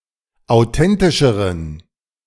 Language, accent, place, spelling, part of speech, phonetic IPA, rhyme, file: German, Germany, Berlin, authentischeren, adjective, [aʊ̯ˈtɛntɪʃəʁən], -ɛntɪʃəʁən, De-authentischeren.ogg
- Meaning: inflection of authentisch: 1. strong genitive masculine/neuter singular comparative degree 2. weak/mixed genitive/dative all-gender singular comparative degree